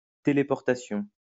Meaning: teleportation
- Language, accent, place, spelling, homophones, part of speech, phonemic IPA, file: French, France, Lyon, téléportation, téléportations, noun, /te.le.pɔʁ.ta.sjɔ̃/, LL-Q150 (fra)-téléportation.wav